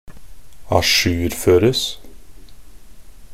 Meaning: passive form of ajourføre
- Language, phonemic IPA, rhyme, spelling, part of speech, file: Norwegian Bokmål, /aˈʃʉːrføːrəs/, -əs, ajourføres, verb, Nb-ajourføres.ogg